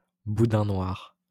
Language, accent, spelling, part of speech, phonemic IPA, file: French, France, boudin noir, noun, /bu.dɛ̃ nwaʁ/, LL-Q150 (fra)-boudin noir.wav
- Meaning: black pudding, blood sausage